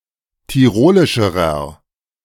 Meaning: inflection of tirolisch: 1. strong/mixed nominative masculine singular comparative degree 2. strong genitive/dative feminine singular comparative degree 3. strong genitive plural comparative degree
- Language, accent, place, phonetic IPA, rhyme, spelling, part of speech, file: German, Germany, Berlin, [tiˈʁoːlɪʃəʁɐ], -oːlɪʃəʁɐ, tirolischerer, adjective, De-tirolischerer.ogg